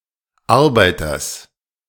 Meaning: genitive singular of Arbeiter
- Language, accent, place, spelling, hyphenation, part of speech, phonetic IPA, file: German, Germany, Berlin, Arbeiters, Ar‧bei‧ters, noun, [ˈaʁbaɪ̯tɐs], De-Arbeiters.ogg